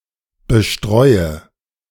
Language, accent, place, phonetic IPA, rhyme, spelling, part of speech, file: German, Germany, Berlin, [bəˈʃtʁɔɪ̯ə], -ɔɪ̯ə, bestreue, verb, De-bestreue.ogg
- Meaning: inflection of bestreuen: 1. first-person singular present 2. first/third-person singular subjunctive I 3. singular imperative